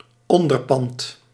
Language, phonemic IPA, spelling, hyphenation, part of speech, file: Dutch, /ˈɔndərˌpɑnt/, onderpand, on‧der‧pand, noun, Nl-onderpand.ogg
- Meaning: a pledge, a guarantee, a form of security